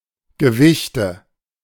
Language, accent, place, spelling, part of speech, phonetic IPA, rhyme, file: German, Germany, Berlin, Gewichte, noun, [ɡəˈvɪçtə], -ɪçtə, De-Gewichte.ogg
- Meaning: nominative/accusative/genitive plural of Gewicht